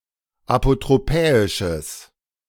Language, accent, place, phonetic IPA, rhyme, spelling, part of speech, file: German, Germany, Berlin, [apotʁoˈpɛːɪʃəs], -ɛːɪʃəs, apotropäisches, adjective, De-apotropäisches.ogg
- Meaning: strong/mixed nominative/accusative neuter singular of apotropäisch